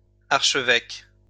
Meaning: plural of archevêque
- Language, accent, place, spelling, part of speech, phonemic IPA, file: French, France, Lyon, archevêques, noun, /aʁ.ʃə.vɛk/, LL-Q150 (fra)-archevêques.wav